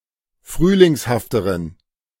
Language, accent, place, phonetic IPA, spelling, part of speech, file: German, Germany, Berlin, [ˈfʁyːlɪŋshaftəʁən], frühlingshafteren, adjective, De-frühlingshafteren.ogg
- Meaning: inflection of frühlingshaft: 1. strong genitive masculine/neuter singular comparative degree 2. weak/mixed genitive/dative all-gender singular comparative degree